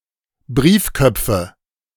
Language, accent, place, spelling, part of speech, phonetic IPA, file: German, Germany, Berlin, Briefköpfe, noun, [ˈbʁiːfˌkœp͡fə], De-Briefköpfe.ogg
- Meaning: nominative/accusative/genitive plural of Briefkopf